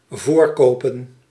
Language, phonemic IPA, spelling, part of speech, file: Dutch, /ˈvorkopən/, voorkopen, verb / noun, Nl-voorkopen.ogg
- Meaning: plural of voorkoop